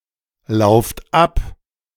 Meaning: inflection of ablaufen: 1. second-person plural present 2. plural imperative
- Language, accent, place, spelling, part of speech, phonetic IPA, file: German, Germany, Berlin, lauft ab, verb, [ˌlaʊ̯ft ˈap], De-lauft ab.ogg